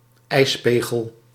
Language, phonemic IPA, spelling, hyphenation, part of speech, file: Dutch, /ˈɛi̯sˌpeː.ɣəl/, ijspegel, ijs‧pe‧gel, noun, Nl-ijspegel.ogg
- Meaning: an icicle